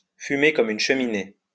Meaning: Be a heavy smoker; smoke like a chimney
- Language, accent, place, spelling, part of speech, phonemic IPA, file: French, France, Lyon, fumer comme une cheminée, verb, /fy.me kɔ.m‿yn ʃə.mi.ne/, LL-Q150 (fra)-fumer comme une cheminée.wav